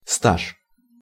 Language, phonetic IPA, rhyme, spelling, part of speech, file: Russian, [staʂ], -aʂ, стаж, noun, Ru-стаж.ogg
- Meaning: experience, seniority, service, length of service, longevity, standing